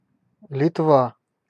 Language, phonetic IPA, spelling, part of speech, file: Russian, [lʲɪtˈva], Литва, proper noun, Ru-Литва.ogg
- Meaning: Lithuania (a country in northeastern Europe)